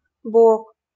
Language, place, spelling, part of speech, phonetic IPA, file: Russian, Saint Petersburg, Бог, proper noun, [box], LL-Q7737 (rus)-Бог.wav
- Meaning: God (in monotheistic religions)